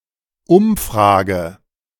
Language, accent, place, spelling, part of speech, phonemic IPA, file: German, Germany, Berlin, Umfrage, noun, /ˈʊmˌfʁaːɡə/, De-Umfrage.ogg
- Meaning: survey, poll